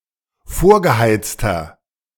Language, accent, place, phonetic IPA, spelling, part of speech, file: German, Germany, Berlin, [ˈfoːɐ̯ɡəˌhaɪ̯t͡stɐ], vorgeheizter, adjective, De-vorgeheizter.ogg
- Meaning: inflection of vorgeheizt: 1. strong/mixed nominative masculine singular 2. strong genitive/dative feminine singular 3. strong genitive plural